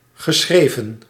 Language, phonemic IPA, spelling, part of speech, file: Dutch, /ɣə.ˈsxreː.və(n)/, geschreven, verb, Nl-geschreven.ogg
- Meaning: past participle of schrijven